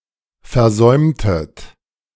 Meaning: inflection of versäumen: 1. second-person plural preterite 2. second-person plural subjunctive II
- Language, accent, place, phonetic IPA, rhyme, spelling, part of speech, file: German, Germany, Berlin, [fɛɐ̯ˈzɔɪ̯mtət], -ɔɪ̯mtət, versäumtet, verb, De-versäumtet.ogg